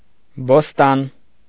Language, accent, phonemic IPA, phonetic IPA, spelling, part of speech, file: Armenian, Eastern Armenian, /bosˈtɑn/, [bostɑ́n], բոստան, noun, Hy-բոստան.ogg
- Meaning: vegetable garden, kitchen garden